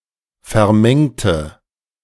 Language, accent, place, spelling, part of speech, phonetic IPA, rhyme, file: German, Germany, Berlin, vermengte, adjective / verb, [fɛɐ̯ˈmɛŋtə], -ɛŋtə, De-vermengte.ogg
- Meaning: inflection of vermengen: 1. first/third-person singular preterite 2. first/third-person singular subjunctive II